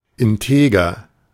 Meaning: with integrity, of integrity
- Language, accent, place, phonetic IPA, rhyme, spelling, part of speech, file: German, Germany, Berlin, [ɪnˈteːɡɐ], -eːɡɐ, integer, adjective, De-integer.ogg